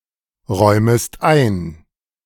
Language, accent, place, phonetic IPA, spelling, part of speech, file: German, Germany, Berlin, [ˌʁɔɪ̯məst ˈaɪ̯n], räumest ein, verb, De-räumest ein.ogg
- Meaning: second-person singular subjunctive I of einräumen